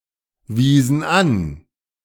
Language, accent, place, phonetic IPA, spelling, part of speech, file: German, Germany, Berlin, [ˌviːzn̩ ˈan], wiesen an, verb, De-wiesen an.ogg
- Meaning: inflection of anweisen: 1. first/third-person plural preterite 2. first/third-person plural subjunctive II